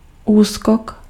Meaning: dodge
- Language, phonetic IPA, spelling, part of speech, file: Czech, [ˈuːskok], úskok, noun, Cs-úskok.ogg